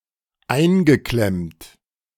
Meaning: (verb) past participle of einklemmen; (adjective) stuck; hemmed in
- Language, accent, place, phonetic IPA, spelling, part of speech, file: German, Germany, Berlin, [ˈaɪ̯nɡəˌklɛmt], eingeklemmt, adjective / verb, De-eingeklemmt.ogg